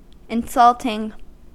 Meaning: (adjective) Containing insult, or having the intention of insulting; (verb) present participle and gerund of insult; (noun) The act of giving insult
- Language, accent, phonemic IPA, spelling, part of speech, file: English, US, /ɪnˈsʌltɪŋ/, insulting, adjective / verb / noun, En-us-insulting.ogg